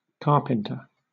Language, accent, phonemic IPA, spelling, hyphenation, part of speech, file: English, Southern England, /ˈkɑː.pən.tə/, carpenter, car‧pen‧ter, noun / verb, LL-Q1860 (eng)-carpenter.wav
- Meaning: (noun) A person skilled at carpentry, the trade of cutting and joining timber in order to construct buildings or other structures